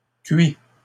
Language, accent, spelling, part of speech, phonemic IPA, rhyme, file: French, Canada, cuits, verb, /kɥi/, -ɥi, LL-Q150 (fra)-cuits.wav
- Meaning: masculine plural of cuit